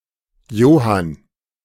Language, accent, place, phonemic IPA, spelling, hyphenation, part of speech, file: German, Germany, Berlin, /ˈjoːhan/, Johann, Jo‧hann, proper noun, De-Johann.ogg
- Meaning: a diminutive of the male given name Johannes, equivalent to English John